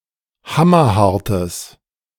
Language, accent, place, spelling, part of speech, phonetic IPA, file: German, Germany, Berlin, hammerhartes, adjective, [ˈhamɐˌhaʁtəs], De-hammerhartes.ogg
- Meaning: strong/mixed nominative/accusative neuter singular of hammerhart